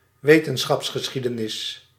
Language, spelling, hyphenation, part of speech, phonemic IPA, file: Dutch, wetenschapsgeschiedenis, we‧ten‧schaps‧ge‧schie‧de‧nis, noun, /ˈʋeː.tən.sxɑps.xəˌsxi.də.nɪs/, Nl-wetenschapsgeschiedenis.ogg
- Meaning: history of science and (academic) scholarship